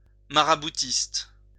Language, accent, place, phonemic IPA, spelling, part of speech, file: French, France, Lyon, /ma.ʁa.bu.tist/, maraboutiste, adjective, LL-Q150 (fra)-maraboutiste.wav
- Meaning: maraboutist